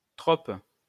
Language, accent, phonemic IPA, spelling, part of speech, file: French, France, /tʁɔp/, trope, noun, LL-Q150 (fra)-trope.wav
- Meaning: trope